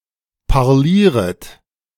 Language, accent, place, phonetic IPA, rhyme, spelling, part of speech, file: German, Germany, Berlin, [paʁˈliːʁət], -iːʁət, parlieret, verb, De-parlieret.ogg
- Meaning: second-person plural subjunctive I of parlieren